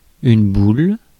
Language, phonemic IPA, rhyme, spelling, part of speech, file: French, /bul/, -ul, boule, noun / verb, Fr-boule.ogg
- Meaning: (noun) 1. ball, globe 2. bowl (in the game of bowls) 3. scoop (for example, of ice cream) 4. bauble 5. head or face 6. ball, testicle 7. tit, breast 8. butt, bum, ass